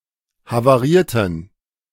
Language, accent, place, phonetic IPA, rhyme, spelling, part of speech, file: German, Germany, Berlin, [havaˈʁiːɐ̯tn̩], -iːɐ̯tn̩, havarierten, adjective, De-havarierten.ogg
- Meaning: inflection of havariert: 1. strong genitive masculine/neuter singular 2. weak/mixed genitive/dative all-gender singular 3. strong/weak/mixed accusative masculine singular 4. strong dative plural